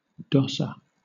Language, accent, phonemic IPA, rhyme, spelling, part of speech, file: English, Southern England, /ˈdɒsə(ɹ)/, -ɒsə(ɹ), dosser, noun, LL-Q1860 (eng)-dosser.wav
- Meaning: 1. Someone who dosses, someone known for avoiding work 2. A homeless and jobless person 3. One who lodges in a doss-house 4. A pannier or basket 5. A hanging tapestry; a dorsal